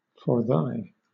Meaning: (adverb) 1. Therefore 2. For this, for this reason; on this account; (conjunction) Because, for sake, forwhy, since
- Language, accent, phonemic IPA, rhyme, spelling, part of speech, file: English, Southern England, /fə(ɹ)ˈðaɪ/, -aɪ, forthy, adverb / conjunction, LL-Q1860 (eng)-forthy.wav